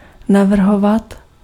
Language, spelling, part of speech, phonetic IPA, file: Czech, navrhovat, verb, [ˈnavr̩ɦovat], Cs-navrhovat.ogg
- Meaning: 1. to suggest, to propose 2. to design, to project